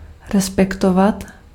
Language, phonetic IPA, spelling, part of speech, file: Czech, [ˈrɛspɛktovat], respektovat, verb, Cs-respektovat.ogg
- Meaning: 1. to respect (to have respect for; to hold in esteem) 2. to keep, to follow, to abide by, to comply with